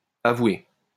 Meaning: feminine singular of avoué
- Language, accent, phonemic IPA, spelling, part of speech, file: French, France, /a.vwe/, avouée, verb, LL-Q150 (fra)-avouée.wav